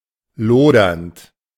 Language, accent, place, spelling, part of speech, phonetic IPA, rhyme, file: German, Germany, Berlin, lodernd, verb, [ˈloːdɐnt], -oːdɐnt, De-lodernd.ogg
- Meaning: present participle of lodern